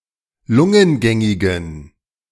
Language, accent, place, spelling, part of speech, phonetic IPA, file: German, Germany, Berlin, lungengängigen, adjective, [ˈlʊŋənˌɡɛŋɪɡn̩], De-lungengängigen.ogg
- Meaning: inflection of lungengängig: 1. strong genitive masculine/neuter singular 2. weak/mixed genitive/dative all-gender singular 3. strong/weak/mixed accusative masculine singular 4. strong dative plural